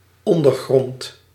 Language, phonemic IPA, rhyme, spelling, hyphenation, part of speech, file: Dutch, /ˌɔndərˈɣrɔnt/, -ɔnt, ondergrond, on‧der‧grond, noun, Nl-ondergrond.ogg
- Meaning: 1. underground, subsoil, subsurface, bottom 2. ground, basis, foundation, groundwork 3. compartment (mound beneath the shield in a coat of arms on which the supporters stand)